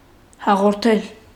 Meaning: 1. to communicate, to transmit; to inform; to impart 2. to transmit 3. to conduct
- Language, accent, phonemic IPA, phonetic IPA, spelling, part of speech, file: Armenian, Eastern Armenian, /hɑʁoɾˈtʰel/, [hɑʁoɾtʰél], հաղորդել, verb, Hy-հաղորդել.ogg